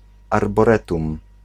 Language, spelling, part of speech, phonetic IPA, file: Polish, arboretum, noun, [ˌarbɔˈrɛtũm], Pl-arboretum.ogg